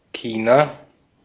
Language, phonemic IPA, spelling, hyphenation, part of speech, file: German, /ˈçiːna/, China, Chi‧na, proper noun, De-at-China.ogg
- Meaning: China (a country in East Asia)